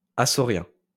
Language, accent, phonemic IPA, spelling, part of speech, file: French, France, /a.sɔ.ʁjɛ̃/, açorien, adjective, LL-Q150 (fra)-açorien.wav
- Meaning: alternative form of açoréen